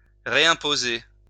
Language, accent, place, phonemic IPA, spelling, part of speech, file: French, France, Lyon, /ʁe.ɛ̃.po.ze/, réimposer, verb, LL-Q150 (fra)-réimposer.wav
- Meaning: to reimpose